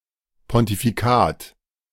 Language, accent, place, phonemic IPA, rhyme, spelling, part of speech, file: German, Germany, Berlin, /pɔntifiˈkaːt/, -aːt, Pontifikat, noun, De-Pontifikat.ogg
- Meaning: pontificate (state of a pontifex)